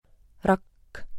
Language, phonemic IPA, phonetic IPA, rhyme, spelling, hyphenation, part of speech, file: Estonian, /ˈrɑkː/, [ˈrɑkː], -ɑkː, rakk, rakk, noun, Et-rakk.ogg
- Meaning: 1. cell 2. cell: The smallest structural and functional unit of a living organism, which is able to function by itself 3. blister 4. The nest of a hornet or a wasp 5. parrel